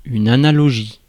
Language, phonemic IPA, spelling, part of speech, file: French, /a.na.lɔ.ʒi/, analogie, noun, Fr-analogie.ogg
- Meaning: analogy (similar example as explanation)